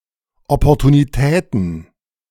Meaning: plural of Opportunität
- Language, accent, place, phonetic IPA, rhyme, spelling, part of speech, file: German, Germany, Berlin, [ˌɔpɔʁtuniˈtɛːtn̩], -ɛːtn̩, Opportunitäten, noun, De-Opportunitäten.ogg